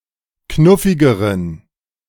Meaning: inflection of knuffig: 1. strong genitive masculine/neuter singular comparative degree 2. weak/mixed genitive/dative all-gender singular comparative degree
- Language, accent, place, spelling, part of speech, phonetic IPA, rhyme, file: German, Germany, Berlin, knuffigeren, adjective, [ˈknʊfɪɡəʁən], -ʊfɪɡəʁən, De-knuffigeren.ogg